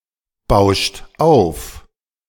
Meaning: inflection of aufbauschen: 1. third-person singular present 2. second-person plural present 3. plural imperative
- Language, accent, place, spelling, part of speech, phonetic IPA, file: German, Germany, Berlin, bauscht auf, verb, [ˌbaʊ̯ʃt ˈaʊ̯f], De-bauscht auf.ogg